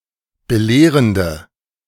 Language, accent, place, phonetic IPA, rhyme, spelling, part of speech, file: German, Germany, Berlin, [bəˈleːʁəndə], -eːʁəndə, belehrende, adjective, De-belehrende.ogg
- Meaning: inflection of belehrend: 1. strong/mixed nominative/accusative feminine singular 2. strong nominative/accusative plural 3. weak nominative all-gender singular